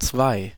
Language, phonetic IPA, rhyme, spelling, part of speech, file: German, [t͡sʋaɪ̯], -aɪ̯, zwei, numeral, De-zwei.ogg
- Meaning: two (numerical value represented by the Arabic numeral 2; or describing a set with two components)